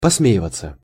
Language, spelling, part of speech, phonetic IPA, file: Russian, посмеиваться, verb, [pɐsˈmʲeɪvət͡sə], Ru-посмеиваться.ogg
- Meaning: 1. to chuckle 2. to laugh, to poke fun